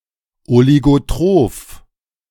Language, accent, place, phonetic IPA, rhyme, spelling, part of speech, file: German, Germany, Berlin, [oliɡoˈtʁoːf], -oːf, oligotroph, adjective, De-oligotroph.ogg
- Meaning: oligotrophic